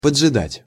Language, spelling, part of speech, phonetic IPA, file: Russian, поджидать, verb, [pəd͡ʐʐɨˈdatʲ], Ru-поджидать.ogg
- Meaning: 1. to wait 2. to lie in wait